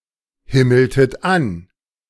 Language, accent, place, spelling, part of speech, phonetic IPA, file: German, Germany, Berlin, himmeltet an, verb, [ˌhɪml̩tət ˈan], De-himmeltet an.ogg
- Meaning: inflection of anhimmeln: 1. second-person plural preterite 2. second-person plural subjunctive II